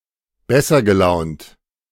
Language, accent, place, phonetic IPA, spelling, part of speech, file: German, Germany, Berlin, [ˈbɛsɐ ɡəˌlaʊ̯nt], besser gelaunt, adjective, De-besser gelaunt.ogg
- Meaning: comparative degree of gutgelaunt